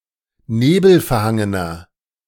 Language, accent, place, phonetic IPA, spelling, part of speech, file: German, Germany, Berlin, [ˈneːbl̩fɛɐ̯ˌhaŋənɐ], nebelverhangener, adjective, De-nebelverhangener.ogg
- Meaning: inflection of nebelverhangen: 1. strong/mixed nominative masculine singular 2. strong genitive/dative feminine singular 3. strong genitive plural